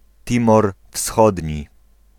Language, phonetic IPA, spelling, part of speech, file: Polish, [ˈtʲĩmɔr ˈfsxɔdʲɲi], Timor Wschodni, proper noun, Pl-Timor Wschodni.ogg